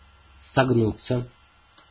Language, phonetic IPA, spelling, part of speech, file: Russian, [sɐɡˈnut͡sːə], согнуться, verb, Ru-согнуться.ogg
- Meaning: 1. to be bent, to be curved, (intransitive) to bend 2. passive of согну́ть (sognútʹ)